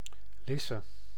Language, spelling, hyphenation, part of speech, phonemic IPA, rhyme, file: Dutch, Lisse, Lis‧se, proper noun, /ˈlɪ.sə/, -ɪsə, Nl-Lisse.ogg
- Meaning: a village and municipality of South Holland, Netherlands